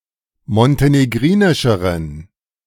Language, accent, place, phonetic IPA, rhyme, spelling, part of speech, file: German, Germany, Berlin, [mɔnteneˈɡʁiːnɪʃəʁən], -iːnɪʃəʁən, montenegrinischeren, adjective, De-montenegrinischeren.ogg
- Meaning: inflection of montenegrinisch: 1. strong genitive masculine/neuter singular comparative degree 2. weak/mixed genitive/dative all-gender singular comparative degree